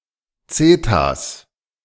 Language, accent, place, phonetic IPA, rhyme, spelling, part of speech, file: German, Germany, Berlin, [ˈt͡sɛtas], -ɛtas, Zetas, noun, De-Zetas.ogg
- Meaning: plural of Zeta